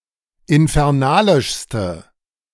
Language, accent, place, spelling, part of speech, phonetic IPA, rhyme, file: German, Germany, Berlin, infernalischste, adjective, [ɪnfɛʁˈnaːlɪʃstə], -aːlɪʃstə, De-infernalischste.ogg
- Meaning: inflection of infernalisch: 1. strong/mixed nominative/accusative feminine singular superlative degree 2. strong nominative/accusative plural superlative degree